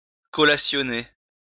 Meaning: 1. to collate 2. to verify (documents) by comparing them
- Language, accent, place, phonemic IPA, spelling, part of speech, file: French, France, Lyon, /kɔ.la.sjɔ.ne/, collationner, verb, LL-Q150 (fra)-collationner.wav